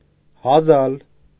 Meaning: to cough
- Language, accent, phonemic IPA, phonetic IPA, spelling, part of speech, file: Armenian, Eastern Armenian, /hɑˈzɑl/, [hɑzɑ́l], հազալ, verb, Hy-հազալ.ogg